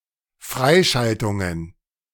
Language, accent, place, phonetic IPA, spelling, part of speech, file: German, Germany, Berlin, [ˈfʁaɪ̯ˌʃaltʊŋən], Freischaltungen, noun, De-Freischaltungen.ogg
- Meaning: plural of Freischaltung